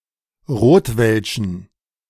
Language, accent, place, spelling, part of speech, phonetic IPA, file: German, Germany, Berlin, rotwelschen, adjective, [ˈʁoːtvɛlʃn̩], De-rotwelschen.ogg
- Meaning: inflection of rotwelsch: 1. strong genitive masculine/neuter singular 2. weak/mixed genitive/dative all-gender singular 3. strong/weak/mixed accusative masculine singular 4. strong dative plural